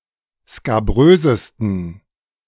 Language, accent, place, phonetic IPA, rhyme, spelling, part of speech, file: German, Germany, Berlin, [skaˈbʁøːzəstn̩], -øːzəstn̩, skabrösesten, adjective, De-skabrösesten.ogg
- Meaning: 1. superlative degree of skabrös 2. inflection of skabrös: strong genitive masculine/neuter singular superlative degree